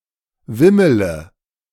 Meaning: inflection of wimmeln: 1. first-person singular present 2. first-person plural subjunctive I 3. third-person singular subjunctive I 4. singular imperative
- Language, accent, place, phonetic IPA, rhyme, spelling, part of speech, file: German, Germany, Berlin, [ˈvɪmələ], -ɪmələ, wimmele, verb, De-wimmele.ogg